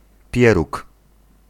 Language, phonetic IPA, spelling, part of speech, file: Polish, [ˈpʲjɛruk], pieróg, noun, Pl-pieróg.ogg